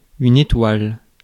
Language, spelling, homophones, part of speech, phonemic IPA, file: French, étoile, étoiles, noun, /e.twal/, Fr-étoile.ogg
- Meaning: 1. star 2. mullet 3. a white mark on the forehead of a horse or bull